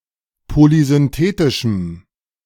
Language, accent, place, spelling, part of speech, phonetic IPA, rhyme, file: German, Germany, Berlin, polysynthetischem, adjective, [polizʏnˈteːtɪʃm̩], -eːtɪʃm̩, De-polysynthetischem.ogg
- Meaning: strong dative masculine/neuter singular of polysynthetisch